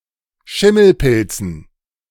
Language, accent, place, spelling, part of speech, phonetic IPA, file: German, Germany, Berlin, Schimmelpilzen, noun, [ˈʃɪml̩ˌpɪlt͡sn̩], De-Schimmelpilzen.ogg
- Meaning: dative plural of Schimmelpilz